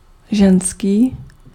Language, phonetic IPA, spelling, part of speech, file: Czech, [ˈʒɛnskiː], ženský, adjective, Cs-ženský.ogg
- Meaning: 1. feminine 2. female